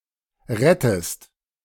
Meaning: inflection of retten: 1. second-person singular present 2. second-person singular subjunctive I
- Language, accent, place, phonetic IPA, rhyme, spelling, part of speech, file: German, Germany, Berlin, [ˈʁɛtəst], -ɛtəst, rettest, verb, De-rettest.ogg